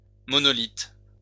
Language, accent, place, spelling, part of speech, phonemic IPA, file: French, France, Lyon, monolithe, noun, /mɔ.nɔ.lit/, LL-Q150 (fra)-monolithe.wav
- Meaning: monolith